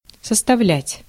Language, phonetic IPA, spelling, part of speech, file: Russian, [səstɐˈvlʲætʲ], составлять, verb, Ru-составлять.ogg
- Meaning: 1. to constitute, to make up, to form 2. to amount to, to sum up to 3. to compose, to construct, to draw up, to prepare 4. to stack (to place objects on top of each other to form a stack)